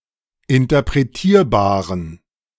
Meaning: inflection of interpretierbar: 1. strong genitive masculine/neuter singular 2. weak/mixed genitive/dative all-gender singular 3. strong/weak/mixed accusative masculine singular 4. strong dative plural
- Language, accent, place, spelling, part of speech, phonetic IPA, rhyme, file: German, Germany, Berlin, interpretierbaren, adjective, [ɪntɐpʁeˈtiːɐ̯baːʁən], -iːɐ̯baːʁən, De-interpretierbaren.ogg